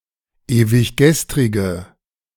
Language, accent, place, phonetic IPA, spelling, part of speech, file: German, Germany, Berlin, [eːvɪçˈɡɛstʁɪɡə], ewiggestrige, adjective, De-ewiggestrige.ogg
- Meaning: inflection of ewiggestrig: 1. strong/mixed nominative/accusative feminine singular 2. strong nominative/accusative plural 3. weak nominative all-gender singular